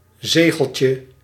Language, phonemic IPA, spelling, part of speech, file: Dutch, /ˈzeɣəlcə/, zegeltje, noun, Nl-zegeltje.ogg
- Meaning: diminutive of zegel